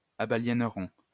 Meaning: first-person plural simple future of abaliéner
- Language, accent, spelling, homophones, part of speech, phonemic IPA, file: French, France, abaliénerons, abaliéneront, verb, /a.ba.ljɛn.ʁɔ̃/, LL-Q150 (fra)-abaliénerons.wav